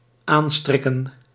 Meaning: 1. to secure by knotting, to put on by knotting 2. to knot together
- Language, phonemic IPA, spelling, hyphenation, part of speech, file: Dutch, /ˈaːnˌstrɪ.kə(n)/, aanstrikken, aan‧strik‧ken, verb, Nl-aanstrikken.ogg